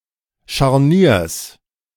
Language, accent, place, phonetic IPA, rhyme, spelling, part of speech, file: German, Germany, Berlin, [ʃaʁˈniːɐ̯s], -iːɐ̯s, Scharniers, noun, De-Scharniers.ogg
- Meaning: genitive singular of Scharnier